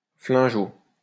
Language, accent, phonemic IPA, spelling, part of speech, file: French, France, /flɛ̃.ɡo/, flingot, noun, LL-Q150 (fra)-flingot.wav
- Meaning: gun